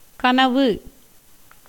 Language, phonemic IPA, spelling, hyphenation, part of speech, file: Tamil, /kɐnɐʋɯ/, கனவு, க‧ன‧வு, noun, Ta-கனவு.ogg
- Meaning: 1. dream (imaginary events seen in the mind while sleeping) 2. dream (a hope or wish) 3. sleep, slumber 4. stupor, drowsiness